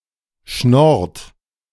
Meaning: inflection of schnorren: 1. third-person singular present 2. second-person plural present 3. plural imperative
- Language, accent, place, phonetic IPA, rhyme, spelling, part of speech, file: German, Germany, Berlin, [ʃnɔʁt], -ɔʁt, schnorrt, verb, De-schnorrt.ogg